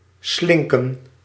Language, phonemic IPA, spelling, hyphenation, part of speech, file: Dutch, /ˈslɪŋ.kə(n)/, slinken, slin‧ken, verb, Nl-slinken.ogg
- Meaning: to shrink, to lessen, to decrease